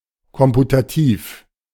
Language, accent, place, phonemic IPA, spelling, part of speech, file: German, Germany, Berlin, /ˈkɔmputaˑtiːf/, komputativ, adjective, De-komputativ.ogg
- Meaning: computative (computational)